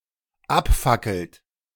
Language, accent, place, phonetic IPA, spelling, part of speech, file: German, Germany, Berlin, [ˈapˌfakl̩t], abfackelt, verb, De-abfackelt.ogg
- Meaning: inflection of abfackeln: 1. third-person singular dependent present 2. second-person plural dependent present